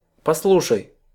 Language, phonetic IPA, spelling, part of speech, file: Russian, [pɐsˈɫuʂəj], послушай, verb, Ru-послушай.ogg
- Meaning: second-person singular imperative perfective of послу́шать (poslúšatʹ)